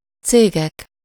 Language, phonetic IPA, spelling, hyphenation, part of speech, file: Hungarian, [ˈt͡seːɡɛk], cégek, cé‧gek, noun, Hu-cégek.ogg
- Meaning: nominative plural of cég